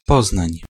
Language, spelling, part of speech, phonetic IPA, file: Polish, Poznań, proper noun, [ˈpɔznãɲ], Pl-Poznań.ogg